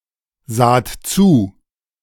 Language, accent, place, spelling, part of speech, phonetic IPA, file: German, Germany, Berlin, saht zu, verb, [ˌzaːt ˈt͡suː], De-saht zu.ogg
- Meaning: second-person plural preterite of zusehen